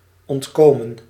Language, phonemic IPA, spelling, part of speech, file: Dutch, /ˌɔntˈkoː.mə(n)/, ontkomen, verb, Nl-ontkomen.ogg
- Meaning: 1. to escape 2. past participle of ontkomen